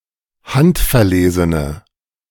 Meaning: inflection of handverlesen: 1. strong/mixed nominative/accusative feminine singular 2. strong nominative/accusative plural 3. weak nominative all-gender singular
- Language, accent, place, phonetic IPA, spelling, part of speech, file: German, Germany, Berlin, [ˈhantfɛɐ̯ˌleːzənə], handverlesene, adjective, De-handverlesene.ogg